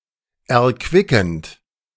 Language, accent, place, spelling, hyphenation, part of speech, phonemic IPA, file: German, Germany, Berlin, erquickend, er‧qui‧ckend, verb / adjective, /ɛɐ̯ˈkvɪkn̩t/, De-erquickend.ogg
- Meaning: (verb) present participle of erquicken; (adjective) refreshing, invigorating